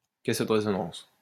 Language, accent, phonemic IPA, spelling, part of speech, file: French, France, /kɛs də ʁe.zɔ.nɑ̃s/, caisse de résonance, noun, LL-Q150 (fra)-caisse de résonance.wav
- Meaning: 1. sound box (resonant chamber of a musical instrument) 2. echo chamber